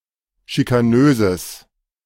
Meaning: strong/mixed nominative/accusative neuter singular of schikanös
- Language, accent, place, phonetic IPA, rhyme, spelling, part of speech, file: German, Germany, Berlin, [ʃikaˈnøːzəs], -øːzəs, schikanöses, adjective, De-schikanöses.ogg